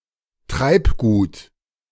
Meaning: flotsam, floating debris
- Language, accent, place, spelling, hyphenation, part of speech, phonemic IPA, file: German, Germany, Berlin, Treibgut, Treib‧gut, noun, /ˈtʁaɪ̯pɡuːt/, De-Treibgut.ogg